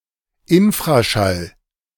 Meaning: infrasound
- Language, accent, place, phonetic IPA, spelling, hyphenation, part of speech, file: German, Germany, Berlin, [ɪnfʁaʃal], Infraschall, In‧fra‧schall, noun, De-Infraschall.ogg